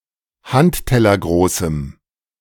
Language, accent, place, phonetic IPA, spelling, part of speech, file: German, Germany, Berlin, [ˈhanttɛlɐˌɡʁoːsm̩], handtellergroßem, adjective, De-handtellergroßem.ogg
- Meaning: strong dative masculine/neuter singular of handtellergroß